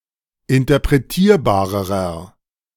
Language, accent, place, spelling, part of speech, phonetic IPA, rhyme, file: German, Germany, Berlin, interpretierbarerer, adjective, [ɪntɐpʁeˈtiːɐ̯baːʁəʁɐ], -iːɐ̯baːʁəʁɐ, De-interpretierbarerer.ogg
- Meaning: inflection of interpretierbar: 1. strong/mixed nominative masculine singular comparative degree 2. strong genitive/dative feminine singular comparative degree